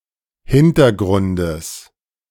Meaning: genitive singular of Hintergrund
- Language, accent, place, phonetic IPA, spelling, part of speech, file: German, Germany, Berlin, [ˈhɪntɐˌɡʁʊndəs], Hintergrundes, noun, De-Hintergrundes.ogg